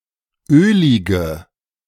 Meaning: inflection of ölig: 1. strong/mixed nominative/accusative feminine singular 2. strong nominative/accusative plural 3. weak nominative all-gender singular 4. weak accusative feminine/neuter singular
- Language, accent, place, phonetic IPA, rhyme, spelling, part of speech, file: German, Germany, Berlin, [ˈøːlɪɡə], -øːlɪɡə, ölige, adjective, De-ölige.ogg